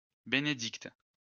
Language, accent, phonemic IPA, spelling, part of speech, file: French, France, /be.ne.dikt/, Bénédicte, proper noun, LL-Q150 (fra)-Bénédicte.wav
- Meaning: a female given name, masculine equivalent Benoît, equivalent to English Benedicta